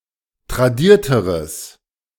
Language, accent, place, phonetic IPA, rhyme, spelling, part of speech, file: German, Germany, Berlin, [tʁaˈdiːɐ̯təʁəs], -iːɐ̯təʁəs, tradierteres, adjective, De-tradierteres.ogg
- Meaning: strong/mixed nominative/accusative neuter singular comparative degree of tradiert